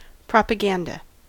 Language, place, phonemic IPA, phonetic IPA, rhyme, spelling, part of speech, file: English, California, /ˌpɹɑpəˈɡændə/, [ˌpɹɑ.pəˈɡɛə̯n.də], -ændə, propaganda, noun, En-us-propaganda.ogg
- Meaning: Agitation, publicity, public communication aimed at influencing an audience and furthering an agenda